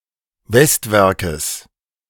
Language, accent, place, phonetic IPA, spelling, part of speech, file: German, Germany, Berlin, [ˈvɛstˌvɛʁkəs], Westwerkes, noun, De-Westwerkes.ogg
- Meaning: genitive singular of Westwerk